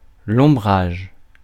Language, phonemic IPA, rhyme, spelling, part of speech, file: French, /ɔ̃.bʁaʒ/, -aʒ, ombrage, noun, Fr-ombrage.ogg
- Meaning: 1. shade 2. umbrage, offence